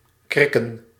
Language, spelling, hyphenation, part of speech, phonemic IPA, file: Dutch, krikken, krik‧ken, verb / noun, /ˈkrɪ.kə(n)/, Nl-krikken.ogg
- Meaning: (verb) to fuck, to bang; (noun) plural of krik